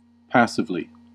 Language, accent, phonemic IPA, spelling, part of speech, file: English, US, /ˈpæs.ɪv.li/, passively, adverb, En-us-passively.ogg
- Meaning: 1. In a passive manner; without conscious or self-directed action 2. In an acquiescent manner; resignedly or submissively 3. In the passive voice; having a passive construction